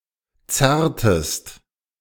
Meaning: inflection of zerren: 1. second-person singular preterite 2. second-person singular subjunctive II
- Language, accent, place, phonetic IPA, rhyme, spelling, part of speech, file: German, Germany, Berlin, [ˈt͡sɛʁtəst], -ɛʁtəst, zerrtest, verb, De-zerrtest.ogg